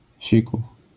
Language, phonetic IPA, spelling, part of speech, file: Polish, [ˈɕiku], siku, noun, LL-Q809 (pol)-siku.wav